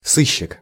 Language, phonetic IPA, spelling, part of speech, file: Russian, [ˈsɨɕːɪk], сыщик, noun, Ru-сыщик.ogg
- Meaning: 1. detective, investigator 2. sleuth, bloodhound, snoop; plain-clothes policeman